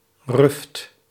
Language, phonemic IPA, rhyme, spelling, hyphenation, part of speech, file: Dutch, /rʏft/, -ʏft, ruft, ruft, noun, Nl-ruft.ogg
- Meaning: fart